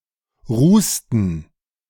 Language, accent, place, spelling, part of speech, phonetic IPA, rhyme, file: German, Germany, Berlin, rußten, verb, [ˈʁuːstn̩], -uːstn̩, De-rußten.ogg
- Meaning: inflection of rußen: 1. first/third-person plural preterite 2. first/third-person plural subjunctive II